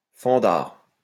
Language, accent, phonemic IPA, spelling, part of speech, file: French, France, /fɑ̃.daʁ/, fendard, adjective, LL-Q150 (fra)-fendard.wav
- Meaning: funny, comical